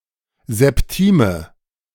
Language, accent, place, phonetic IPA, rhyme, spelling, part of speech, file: German, Germany, Berlin, [zɛpˈtiːmə], -iːmə, Septime, noun, De-Septime.ogg
- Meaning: A seventh; an interval of 10 (kleine Septime, minor seventh) or 11 (große Septime, major seventh) semitones